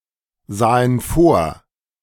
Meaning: first/third-person plural preterite of vorsehen
- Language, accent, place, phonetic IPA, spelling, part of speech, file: German, Germany, Berlin, [ˌzaːən ˈfoːɐ̯], sahen vor, verb, De-sahen vor.ogg